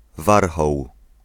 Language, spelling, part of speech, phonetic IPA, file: Polish, warchoł, noun, [ˈvarxɔw], Pl-warchoł.ogg